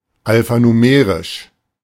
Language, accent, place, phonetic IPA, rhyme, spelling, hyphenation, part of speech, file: German, Germany, Berlin, [alfanuˈmeːʁɪʃ], -eːʁɪʃ, alphanumerisch, al‧pha‧nu‧me‧risch, adjective, De-alphanumerisch.ogg
- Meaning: alphanumeric